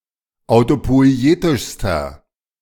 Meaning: inflection of autopoietisch: 1. strong/mixed nominative masculine singular superlative degree 2. strong genitive/dative feminine singular superlative degree
- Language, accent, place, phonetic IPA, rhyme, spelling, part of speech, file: German, Germany, Berlin, [aʊ̯topɔɪ̯ˈeːtɪʃstɐ], -eːtɪʃstɐ, autopoietischster, adjective, De-autopoietischster.ogg